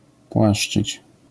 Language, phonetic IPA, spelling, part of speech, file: Polish, [ˈpwaʃt͡ʃɨt͡ɕ], płaszczyć, verb, LL-Q809 (pol)-płaszczyć.wav